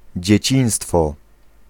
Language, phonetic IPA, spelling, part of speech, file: Polish, [d͡ʑɛ̇ˈt͡ɕĩj̃stfɔ], dzieciństwo, noun, Pl-dzieciństwo.ogg